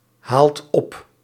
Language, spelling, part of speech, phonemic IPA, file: Dutch, haalt op, verb, /ˈhalt ˈɔp/, Nl-haalt op.ogg
- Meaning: inflection of ophalen: 1. second/third-person singular present indicative 2. plural imperative